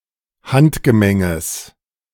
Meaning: genitive singular of Handgemenge
- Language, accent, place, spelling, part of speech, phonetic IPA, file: German, Germany, Berlin, Handgemenges, noun, [ˈhantɡəˌmɛŋəs], De-Handgemenges.ogg